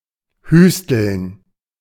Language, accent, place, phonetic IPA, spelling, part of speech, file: German, Germany, Berlin, [ˈhyːstl̩n], hüsteln, verb, De-hüsteln.ogg
- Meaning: to cough slightly, give a little cough